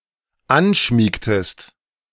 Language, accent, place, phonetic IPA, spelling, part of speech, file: German, Germany, Berlin, [ˈanˌʃmiːktəst], anschmiegtest, verb, De-anschmiegtest.ogg
- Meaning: inflection of anschmiegen: 1. second-person singular dependent preterite 2. second-person singular dependent subjunctive II